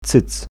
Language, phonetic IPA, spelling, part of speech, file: Polish, [t͡sɨt͡s], cyc, noun, Pl-cyc.ogg